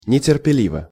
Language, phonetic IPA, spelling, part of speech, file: Russian, [nʲɪtʲɪrpʲɪˈlʲivə], нетерпеливо, adverb / adjective, Ru-нетерпеливо.ogg
- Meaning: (adverb) impatiently; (adjective) short neuter singular of нетерпели́вый (neterpelívyj)